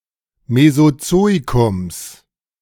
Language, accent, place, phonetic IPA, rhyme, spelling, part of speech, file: German, Germany, Berlin, [mezoˈt͡soːikʊms], -oːikʊms, Mesozoikums, noun, De-Mesozoikums.ogg
- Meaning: genitive singular of Mesozoikum